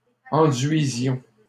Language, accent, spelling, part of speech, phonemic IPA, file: French, Canada, enduisions, verb, /ɑ̃.dɥi.zjɔ̃/, LL-Q150 (fra)-enduisions.wav
- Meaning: inflection of enduire: 1. first-person plural imperfect indicative 2. first-person plural present subjunctive